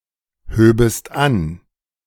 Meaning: second-person singular subjunctive II of anheben
- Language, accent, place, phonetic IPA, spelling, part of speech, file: German, Germany, Berlin, [ˌhøːbəst ˈan], höbest an, verb, De-höbest an.ogg